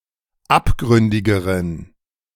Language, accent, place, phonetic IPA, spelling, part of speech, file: German, Germany, Berlin, [ˈapˌɡʁʏndɪɡəʁən], abgründigeren, adjective, De-abgründigeren.ogg
- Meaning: inflection of abgründig: 1. strong genitive masculine/neuter singular comparative degree 2. weak/mixed genitive/dative all-gender singular comparative degree